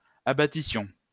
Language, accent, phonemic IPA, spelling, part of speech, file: French, France, /a.ba.ti.sjɔ̃/, abattissions, verb, LL-Q150 (fra)-abattissions.wav
- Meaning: first-person plural imperfect subjunctive of abattre